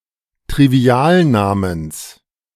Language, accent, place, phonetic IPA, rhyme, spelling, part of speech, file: German, Germany, Berlin, [tʁiˈvi̯aːlˌnaːməns], -aːlnaːməns, Trivialnamens, noun, De-Trivialnamens.ogg
- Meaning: genitive singular of Trivialname